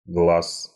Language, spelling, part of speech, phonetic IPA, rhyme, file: Russian, глас, noun, [ɡɫas], -as, Ru-глас.ogg
- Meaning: voice